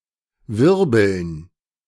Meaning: 1. dative plural of Wirbel 2. gerund of wirbeln
- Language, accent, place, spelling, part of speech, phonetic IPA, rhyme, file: German, Germany, Berlin, Wirbeln, noun, [ˈvɪʁbl̩n], -ɪʁbl̩n, De-Wirbeln.ogg